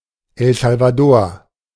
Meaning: El Salvador (a country in Central America)
- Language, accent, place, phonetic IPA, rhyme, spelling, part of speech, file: German, Germany, Berlin, [ɛl zalvaˈdoːɐ̯], -oːɐ̯, El Salvador, proper noun, De-El Salvador.ogg